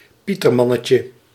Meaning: diminutive of pieterman
- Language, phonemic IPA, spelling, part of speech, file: Dutch, /ˈpitərˌmɑnəcə/, pietermannetje, noun, Nl-pietermannetje.ogg